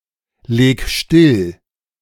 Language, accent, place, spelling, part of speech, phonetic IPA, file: German, Germany, Berlin, leg still, verb, [ˌleːk ˈʃtɪl], De-leg still.ogg
- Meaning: 1. singular imperative of stilllegen 2. first-person singular present of stilllegen